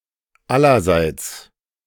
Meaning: 1. everybody, by everybody, to everybody 2. on all sides, from all sides
- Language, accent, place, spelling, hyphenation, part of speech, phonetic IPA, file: German, Germany, Berlin, allerseits, al‧ler‧seits, adverb, [ˈalɐzaɪ̯ts], De-allerseits.ogg